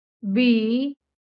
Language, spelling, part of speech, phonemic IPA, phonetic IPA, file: Marathi, बी, noun, /bi/, [biː], LL-Q1571 (mar)-बी.wav
- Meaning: seed